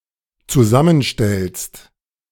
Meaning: second-person singular dependent present of zusammenstellen
- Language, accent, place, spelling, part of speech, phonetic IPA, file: German, Germany, Berlin, zusammenstellst, verb, [t͡suˈzamənˌʃtɛlst], De-zusammenstellst.ogg